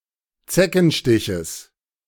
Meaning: genitive singular of Zeckenstich
- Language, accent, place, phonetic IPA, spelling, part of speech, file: German, Germany, Berlin, [ˈt͡sɛkn̩ˌʃtɪçəs], Zeckenstiches, noun, De-Zeckenstiches.ogg